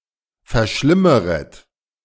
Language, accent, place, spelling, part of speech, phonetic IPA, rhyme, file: German, Germany, Berlin, verschlimmeret, verb, [fɛɐ̯ˈʃlɪməʁət], -ɪməʁət, De-verschlimmeret.ogg
- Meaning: second-person plural subjunctive I of verschlimmern